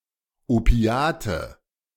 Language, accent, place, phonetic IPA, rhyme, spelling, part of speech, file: German, Germany, Berlin, [oˈpi̯aːtə], -aːtə, Opiate, noun, De-Opiate.ogg
- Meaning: nominative/accusative/genitive plural of Opiat "opiates"